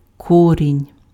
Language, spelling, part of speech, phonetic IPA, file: Ukrainian, корінь, noun, [ˈkɔrʲinʲ], Uk-корінь.ogg
- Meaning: 1. root 2. root, radical